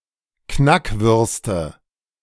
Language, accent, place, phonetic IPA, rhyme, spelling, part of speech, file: German, Germany, Berlin, [ˈknakˌvʏʁstə], -akvʏʁstə, Knackwürste, noun, De-Knackwürste.ogg
- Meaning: nominative/accusative/genitive plural of Knackwurst